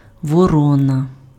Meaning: crow (bird)
- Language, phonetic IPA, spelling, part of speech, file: Ukrainian, [wɔˈrɔnɐ], ворона, noun, Uk-ворона.ogg